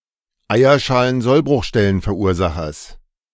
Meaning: genitive of Eierschalensollbruchstellenverursacher
- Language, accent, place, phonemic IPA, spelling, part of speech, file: German, Germany, Berlin, /ˌaɪ̯.ɐˌʃaː.lənˌzɔl.brʊxˌʃtɛ.lənˌfɛɐ̯ˈuːɐ̯ˌza.xɐs/, Eierschalensollbruchstellenverursachers, noun, De-Eierschalensollbruchstellenverursachers.ogg